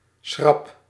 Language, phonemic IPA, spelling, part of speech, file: Dutch, /sχrɑp/, schrap, noun / adverb / verb, Nl-schrap.ogg
- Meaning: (adjective) bracing oneself, tense, ready for impact; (verb) inflection of schrappen: 1. first-person singular present indicative 2. second-person singular present indicative 3. imperative